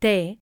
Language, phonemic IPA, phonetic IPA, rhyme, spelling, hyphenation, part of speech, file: Galician, /ˈtɛ/, [ˈt̪ɛ], -ɛ, té, té, noun, Gl-té.ogg
- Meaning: 1. tea 2. the shrub Camellia sinsensis